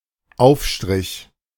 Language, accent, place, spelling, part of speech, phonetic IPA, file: German, Germany, Berlin, Aufstrich, noun, [ˈʔaʊ̯fˌʃtʁɪç], De-Aufstrich.ogg
- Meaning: 1. spread (food designed to be spread) 2. up bow